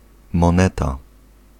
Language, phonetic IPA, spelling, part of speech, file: Polish, [mɔ̃ˈnɛta], moneta, noun, Pl-moneta.ogg